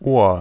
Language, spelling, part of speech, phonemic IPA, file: German, Ohr, noun, /oːr/, De-Ohr.ogg
- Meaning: 1. ear (the auditory organ) 2. ear (the external visible part of the organ, the auricle)